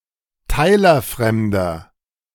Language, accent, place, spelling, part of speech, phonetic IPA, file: German, Germany, Berlin, teilerfremder, adjective, [ˈtaɪ̯lɐˌfʁɛmdɐ], De-teilerfremder.ogg
- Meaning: inflection of teilerfremd: 1. strong/mixed nominative masculine singular 2. strong genitive/dative feminine singular 3. strong genitive plural